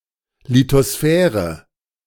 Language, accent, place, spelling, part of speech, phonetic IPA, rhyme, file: German, Germany, Berlin, Lithosphäre, noun, [litoˈsfɛːʁə], -ɛːʁə, De-Lithosphäre.ogg
- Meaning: lithosphere